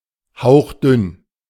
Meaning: 1. razor-thin; sheer 2. flimsy 3. gauzy 4. wafer-thin
- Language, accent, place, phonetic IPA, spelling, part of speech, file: German, Germany, Berlin, [ˈhaʊ̯χˌdʏn], hauchdünn, adjective, De-hauchdünn.ogg